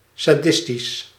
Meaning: sadistic
- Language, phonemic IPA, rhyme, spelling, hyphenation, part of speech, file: Dutch, /saːˈdɪs.tis/, -ɪstis, sadistisch, sa‧dis‧tisch, adjective, Nl-sadistisch.ogg